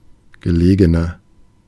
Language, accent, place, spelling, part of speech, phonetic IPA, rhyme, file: German, Germany, Berlin, gelegener, adjective, [ɡəˈleːɡənɐ], -eːɡənɐ, De-gelegener.ogg
- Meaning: inflection of gelegen: 1. strong/mixed nominative masculine singular 2. strong genitive/dative feminine singular 3. strong genitive plural